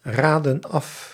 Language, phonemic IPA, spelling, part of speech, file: Dutch, /ˈradə(n) ˈɑf/, raden af, verb, Nl-raden af.ogg
- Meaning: inflection of afraden: 1. plural present indicative 2. plural present subjunctive